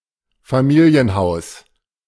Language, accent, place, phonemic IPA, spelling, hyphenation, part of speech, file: German, Germany, Berlin, /faˈmiːli̯ənˌhaʊ̯s/, Familienhaus, Fa‧mi‧li‧en‧haus, noun, De-Familienhaus.ogg
- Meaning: family house, family home